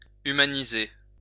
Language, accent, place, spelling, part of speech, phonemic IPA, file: French, France, Lyon, humaniser, verb, /y.ma.ni.ze/, LL-Q150 (fra)-humaniser.wav
- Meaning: to humanise; to civilise